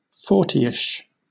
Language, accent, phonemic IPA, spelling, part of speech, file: English, Southern England, /ˈfɔː(ɹ).ti.ɪʃ/, fortyish, adjective / numeral, LL-Q1860 (eng)-fortyish.wav
- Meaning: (adjective) 1. Close to the number forty 2. About forty years old; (numeral) Any number close to forty